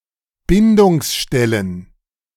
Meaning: plural of Bindungsstelle
- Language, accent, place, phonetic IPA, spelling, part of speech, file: German, Germany, Berlin, [ˈbɪndʊŋsˌʃtɛlən], Bindungsstellen, noun, De-Bindungsstellen.ogg